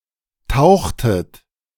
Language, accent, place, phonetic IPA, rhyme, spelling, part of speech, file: German, Germany, Berlin, [ˈtaʊ̯xtət], -aʊ̯xtət, tauchtet, verb, De-tauchtet.ogg
- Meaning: inflection of tauchen: 1. second-person plural preterite 2. second-person plural subjunctive II